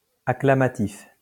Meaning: acclamative
- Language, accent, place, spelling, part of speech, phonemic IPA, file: French, France, Lyon, acclamatif, adjective, /a.kla.ma.tif/, LL-Q150 (fra)-acclamatif.wav